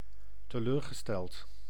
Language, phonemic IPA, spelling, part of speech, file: Dutch, /təˈlørɣəˌstɛlt/, teleurgesteld, verb / adjective / adverb, Nl-teleurgesteld.ogg
- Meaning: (adjective) disappointed; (verb) past participle of teleurstellen